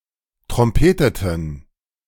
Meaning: inflection of trompeten: 1. first/third-person plural preterite 2. first/third-person plural subjunctive II
- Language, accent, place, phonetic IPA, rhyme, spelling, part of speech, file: German, Germany, Berlin, [tʁɔmˈpeːtətn̩], -eːtətn̩, trompeteten, adjective / verb, De-trompeteten.ogg